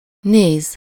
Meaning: 1. to look (at something -t/-ot/-at/-et/-öt or -ra/-re) 2. to watch (something -t/-ot/-at/-et/-öt) 3. to overlook (followed by -ra/-re) (to offer a view of something from a higher position)
- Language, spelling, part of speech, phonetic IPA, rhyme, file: Hungarian, néz, verb, [ˈneːz], -eːz, Hu-néz.ogg